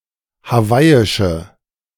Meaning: inflection of hawaiisch: 1. strong/mixed nominative/accusative feminine singular 2. strong nominative/accusative plural 3. weak nominative all-gender singular
- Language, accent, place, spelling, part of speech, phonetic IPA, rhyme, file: German, Germany, Berlin, hawaiische, adjective, [haˈvaɪ̯ɪʃə], -aɪ̯ɪʃə, De-hawaiische.ogg